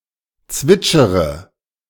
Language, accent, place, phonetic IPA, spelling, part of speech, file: German, Germany, Berlin, [ˈt͡svɪt͡ʃəʁə], zwitschere, verb, De-zwitschere.ogg
- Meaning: inflection of zwitschern: 1. first-person singular present 2. first/third-person singular subjunctive I 3. singular imperative